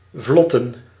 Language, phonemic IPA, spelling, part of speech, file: Dutch, /ˈvlɔtə(n)/, vlotten, verb / noun, Nl-vlotten.ogg
- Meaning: to go smoothly, to make progress, to glide